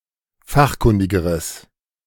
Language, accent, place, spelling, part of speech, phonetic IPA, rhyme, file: German, Germany, Berlin, fachkundigeres, adjective, [ˈfaxˌkʊndɪɡəʁəs], -axkʊndɪɡəʁəs, De-fachkundigeres.ogg
- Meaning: strong/mixed nominative/accusative neuter singular comparative degree of fachkundig